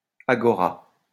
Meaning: agora
- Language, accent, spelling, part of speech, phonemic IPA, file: French, France, agora, noun, /a.ɡɔ.ʁa/, LL-Q150 (fra)-agora.wav